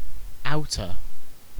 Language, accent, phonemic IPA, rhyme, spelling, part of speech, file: English, UK, /ˈaʊtə/, -aʊtə, outta, preposition, En-uk-outta.ogg
- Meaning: Out of